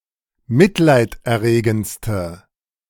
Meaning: inflection of mitleiderregend: 1. strong/mixed nominative/accusative feminine singular superlative degree 2. strong nominative/accusative plural superlative degree
- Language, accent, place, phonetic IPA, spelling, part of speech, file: German, Germany, Berlin, [ˈmɪtlaɪ̯tʔɛɐ̯ˌʁeːɡn̩t͡stə], mitleiderregendste, adjective, De-mitleiderregendste.ogg